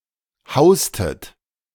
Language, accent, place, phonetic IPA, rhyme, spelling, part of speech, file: German, Germany, Berlin, [ˈhaʊ̯stət], -aʊ̯stət, haustet, verb, De-haustet.ogg
- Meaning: inflection of hausen: 1. second-person plural preterite 2. second-person plural subjunctive II